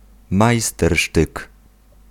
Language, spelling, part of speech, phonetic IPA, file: Polish, majstersztyk, noun, [majˈstɛrʃtɨk], Pl-majstersztyk.ogg